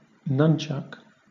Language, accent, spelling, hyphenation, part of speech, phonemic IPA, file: English, Southern England, nunchuck, nun‧chuck, noun, /ˈnʌnt͡ʃʌk/, LL-Q1860 (eng)-nunchuck.wav
- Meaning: Alternative form of nunchaku